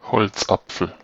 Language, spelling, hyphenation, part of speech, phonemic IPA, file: German, Holzapfel, Holz‧ap‧fel, noun / proper noun, /ˈhɔlt͡sˌap͡fl̩/, De-Holzapfel.ogg
- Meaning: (noun) 1. crabapple (tree) 2. crabapple (fruit) 3. the European crabapple (Malus sylvestris) or its fruit; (proper noun) a surname